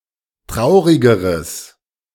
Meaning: strong/mixed nominative/accusative neuter singular comparative degree of traurig
- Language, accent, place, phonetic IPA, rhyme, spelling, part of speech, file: German, Germany, Berlin, [ˈtʁaʊ̯ʁɪɡəʁəs], -aʊ̯ʁɪɡəʁəs, traurigeres, adjective, De-traurigeres.ogg